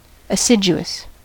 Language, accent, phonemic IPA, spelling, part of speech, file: English, US, /əˈsɪd͡ʒu.əs/, assiduous, adjective, En-us-assiduous.ogg
- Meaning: Hard-working, diligent or regular (in attendance or work); industrious